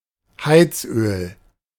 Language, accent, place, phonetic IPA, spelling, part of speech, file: German, Germany, Berlin, [ˈhaɪ̯t͡sˌʔøːl], Heizöl, noun, De-Heizöl.ogg
- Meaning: heating oil